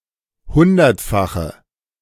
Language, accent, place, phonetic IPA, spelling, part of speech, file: German, Germany, Berlin, [ˈhʊndɐtˌfaxə], hundertfache, adjective, De-hundertfache.ogg
- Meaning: inflection of hundertfach: 1. strong/mixed nominative/accusative feminine singular 2. strong nominative/accusative plural 3. weak nominative all-gender singular